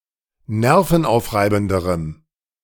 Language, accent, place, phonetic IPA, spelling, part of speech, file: German, Germany, Berlin, [ˈnɛʁfn̩ˌʔaʊ̯fʁaɪ̯bn̩dəʁəm], nervenaufreibenderem, adjective, De-nervenaufreibenderem.ogg
- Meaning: strong dative masculine/neuter singular comparative degree of nervenaufreibend